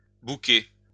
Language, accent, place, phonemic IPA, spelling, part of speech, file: French, France, Lyon, /bu.ke/, booker, verb, LL-Q150 (fra)-booker.wav
- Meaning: to book, reserve